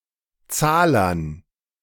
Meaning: dative plural of Zahler
- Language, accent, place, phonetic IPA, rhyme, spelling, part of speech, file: German, Germany, Berlin, [ˈt͡saːlɐn], -aːlɐn, Zahlern, noun, De-Zahlern.ogg